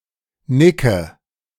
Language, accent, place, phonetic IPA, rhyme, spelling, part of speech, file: German, Germany, Berlin, [ˈnɪkə], -ɪkə, nicke, verb, De-nicke.ogg
- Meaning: inflection of nicken: 1. first-person singular present 2. first/third-person singular subjunctive I 3. singular imperative